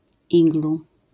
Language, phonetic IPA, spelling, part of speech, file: Polish, [ˈiɡlu], iglu, noun, LL-Q809 (pol)-iglu.wav